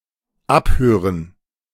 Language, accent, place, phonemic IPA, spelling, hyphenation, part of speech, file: German, Germany, Berlin, /ˈapˌhøːrən/, abhören, ab‧hö‧ren, verb, De-abhören.ogg
- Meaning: 1. to inspect, explore something by listening 2. to auscultate 3. to tap, wiretap, to record or listen to in secret